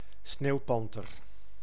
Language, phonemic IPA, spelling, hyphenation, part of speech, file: Dutch, /ˈsneːu̯ˌpɑn.tər/, sneeuwpanter, sneeuw‧pan‧ter, noun, Nl-sneeuwpanter.ogg
- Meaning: snow panther, snow leopard (Uncia uncia syn. Panthera uncia)